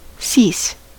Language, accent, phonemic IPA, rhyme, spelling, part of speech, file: English, US, /sis/, -iːs, cease, verb / noun, En-us-cease.ogg
- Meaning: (verb) 1. To stop 2. To stop doing (something) 3. To be wanting; to fail; to pass away, perish; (noun) Cessation; extinction (see without cease)